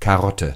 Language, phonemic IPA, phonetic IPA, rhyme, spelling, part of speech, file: German, /kaˈrɔtə/, [kʰaˈʁɔtʰə], -ɔtə, Karotte, noun, De-Karotte.ogg
- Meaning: carrot